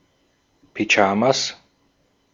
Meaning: 1. genitive singular of Pyjama 2. plural of Pyjama
- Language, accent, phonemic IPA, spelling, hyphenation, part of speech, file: German, Austria, /pyˈd͡ʒaːmas/, Pyjamas, Py‧ja‧mas, noun, De-at-Pyjamas.ogg